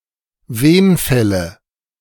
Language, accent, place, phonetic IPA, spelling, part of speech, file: German, Germany, Berlin, [ˈveːnˌfɛlə], Wenfälle, noun, De-Wenfälle.ogg
- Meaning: nominative/accusative/genitive plural of Wenfall